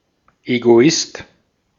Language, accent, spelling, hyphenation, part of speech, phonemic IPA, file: German, Austria, Egoist, Ego‧ist, noun, /eɡoˈɪst/, De-at-Egoist.ogg
- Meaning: egoist